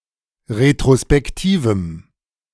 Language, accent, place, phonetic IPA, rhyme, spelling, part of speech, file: German, Germany, Berlin, [ʁetʁospɛkˈtiːvm̩], -iːvm̩, retrospektivem, adjective, De-retrospektivem.ogg
- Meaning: strong dative masculine/neuter singular of retrospektiv